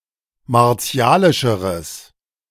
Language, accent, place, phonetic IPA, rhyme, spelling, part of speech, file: German, Germany, Berlin, [maʁˈt͡si̯aːlɪʃəʁəs], -aːlɪʃəʁəs, martialischeres, adjective, De-martialischeres.ogg
- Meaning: strong/mixed nominative/accusative neuter singular comparative degree of martialisch